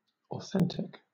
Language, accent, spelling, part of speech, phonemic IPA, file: English, Southern England, authentic, adjective, /ɒˈθɛn.tɪk/, LL-Q1860 (eng)-authentic.wav
- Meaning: 1. Of the same origin as claimed; genuine 2. Conforming to reality and therefore worthy of trust, reliance, or belief 3. Designating a mode having the final as the lowest note